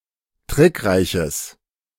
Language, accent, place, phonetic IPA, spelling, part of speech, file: German, Germany, Berlin, [ˈtʁɪkˌʁaɪ̯çəs], trickreiches, adjective, De-trickreiches.ogg
- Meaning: strong/mixed nominative/accusative neuter singular of trickreich